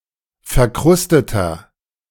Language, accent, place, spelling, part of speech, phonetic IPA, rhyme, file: German, Germany, Berlin, verkrusteter, adjective, [fɛɐ̯ˈkʁʊstətɐ], -ʊstətɐ, De-verkrusteter.ogg
- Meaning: inflection of verkrustet: 1. strong/mixed nominative masculine singular 2. strong genitive/dative feminine singular 3. strong genitive plural